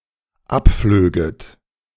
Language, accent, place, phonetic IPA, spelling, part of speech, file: German, Germany, Berlin, [ˈapˌfløːɡət], abflöget, verb, De-abflöget.ogg
- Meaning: second-person plural dependent subjunctive II of abfliegen